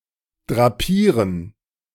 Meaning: to drape
- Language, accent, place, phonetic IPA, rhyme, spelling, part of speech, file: German, Germany, Berlin, [dʁaˈpiːʁən], -iːʁən, drapieren, verb, De-drapieren.ogg